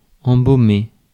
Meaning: 1. to embalm 2. to fill with fragrance
- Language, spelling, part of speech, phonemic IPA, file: French, embaumer, verb, /ɑ̃.bo.me/, Fr-embaumer.ogg